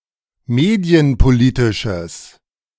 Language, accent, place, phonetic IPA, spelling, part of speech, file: German, Germany, Berlin, [ˈmeːdi̯ənpoˌliːtɪʃəs], medienpolitisches, adjective, De-medienpolitisches.ogg
- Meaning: strong/mixed nominative/accusative neuter singular of medienpolitisch